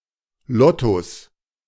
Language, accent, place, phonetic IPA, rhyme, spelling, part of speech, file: German, Germany, Berlin, [ˈlɔtos], -ɔtos, Lottos, noun, De-Lottos.ogg
- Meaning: plural of Lotto